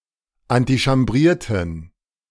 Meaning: inflection of antichambrieren: 1. first/third-person plural preterite 2. first/third-person plural subjunctive II
- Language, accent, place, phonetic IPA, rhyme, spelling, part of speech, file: German, Germany, Berlin, [antiʃamˈbʁiːɐ̯tn̩], -iːɐ̯tn̩, antichambrierten, verb, De-antichambrierten.ogg